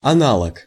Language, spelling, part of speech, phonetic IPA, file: Russian, аналог, noun, [ɐˈnaɫək], Ru-аналог.ogg
- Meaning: 1. analogue 2. counterpart 3. equivalent